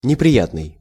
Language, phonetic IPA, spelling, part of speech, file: Russian, [nʲɪprʲɪˈjatnɨj], неприятный, adjective, Ru-неприятный.ogg
- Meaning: disagreeable, unpleasant